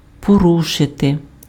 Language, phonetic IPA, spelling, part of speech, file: Ukrainian, [poˈruʃete], порушити, verb, Uk-порушити.ogg
- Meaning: 1. to break, to breach, to violate, to contravene, to infringe, to transgress (:law, rule, regulation) 2. to break, to breach, to violate (:promise, oath, agreement)